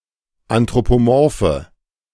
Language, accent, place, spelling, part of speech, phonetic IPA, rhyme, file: German, Germany, Berlin, anthropomorphe, adjective, [antʁopoˈmɔʁfə], -ɔʁfə, De-anthropomorphe.ogg
- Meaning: inflection of anthropomorph: 1. strong/mixed nominative/accusative feminine singular 2. strong nominative/accusative plural 3. weak nominative all-gender singular